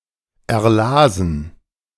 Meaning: first/third-person plural preterite of erlesen
- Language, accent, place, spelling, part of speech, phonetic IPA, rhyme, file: German, Germany, Berlin, erlasen, verb, [ɛɐ̯ˈlaːzn̩], -aːzn̩, De-erlasen.ogg